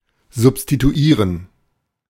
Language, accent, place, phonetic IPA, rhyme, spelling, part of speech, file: German, Germany, Berlin, [zʊpstituˈiːʁən], -iːʁən, substituieren, verb, De-substituieren.ogg
- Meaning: to substitute